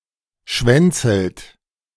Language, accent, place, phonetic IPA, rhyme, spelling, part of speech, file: German, Germany, Berlin, [ˈʃvɛnt͡sl̩t], -ɛnt͡sl̩t, schwänzelt, verb, De-schwänzelt.ogg
- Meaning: inflection of schwänzeln: 1. third-person singular present 2. second-person plural present 3. plural imperative